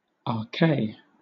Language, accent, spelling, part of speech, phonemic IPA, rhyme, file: English, Southern England, ake, adverb, /ɑːˈkeɪ/, -eɪ, LL-Q1860 (eng)-ake.wav
- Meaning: forever